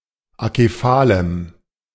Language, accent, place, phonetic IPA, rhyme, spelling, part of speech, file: German, Germany, Berlin, [akeˈfaːləm], -aːləm, akephalem, adjective, De-akephalem.ogg
- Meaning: strong dative masculine/neuter singular of akephal